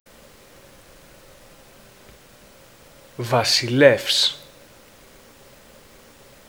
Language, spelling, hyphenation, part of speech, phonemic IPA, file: Greek, βασιλεύς, βα‧σι‧λεύς, noun, /vasiˈlefs/, Ell-Basileus.ogg
- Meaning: Katharevousa form of βασιλιάς (vasiliás, “king”)